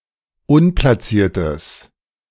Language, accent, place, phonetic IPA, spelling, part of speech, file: German, Germany, Berlin, [ˈʊnplasiːɐ̯təs], unplaciertes, adjective, De-unplaciertes.ogg
- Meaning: strong/mixed nominative/accusative neuter singular of unplaciert